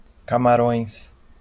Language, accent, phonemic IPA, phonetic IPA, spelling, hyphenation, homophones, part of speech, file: Portuguese, Brazil, /ka.maˈɾõj̃s/, [ka.maˈɾõɪ̯̃s], Camarões, Ca‧ma‧rões, camarões, proper noun, LL-Q5146 (por)-Camarões.wav
- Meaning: Cameroon (a country in Central Africa; official name: República dos Camarões; capital: Yaoundé)